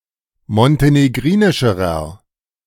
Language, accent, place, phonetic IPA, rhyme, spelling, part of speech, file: German, Germany, Berlin, [mɔnteneˈɡʁiːnɪʃəʁɐ], -iːnɪʃəʁɐ, montenegrinischerer, adjective, De-montenegrinischerer.ogg
- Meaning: inflection of montenegrinisch: 1. strong/mixed nominative masculine singular comparative degree 2. strong genitive/dative feminine singular comparative degree